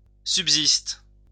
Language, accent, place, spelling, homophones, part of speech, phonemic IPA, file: French, France, Lyon, subsiste, subsistent / subsistes, verb, /syb.zist/, LL-Q150 (fra)-subsiste.wav
- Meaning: inflection of subsister: 1. first/third-person singular present indicative/subjunctive 2. second-person singular imperative